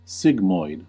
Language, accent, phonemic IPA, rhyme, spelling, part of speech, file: English, US, /ˈsɪɡ.mɔɪd/, -ɪɡmɔɪd, sigmoid, adjective / noun, En-us-sigmoid.ogg
- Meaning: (adjective) 1. Semi-circular, like the uncial or lunate sigma (similar to English C) 2. Curved in two directions, like the letter "S", or the Greek ς (sigma); having a serpentine shape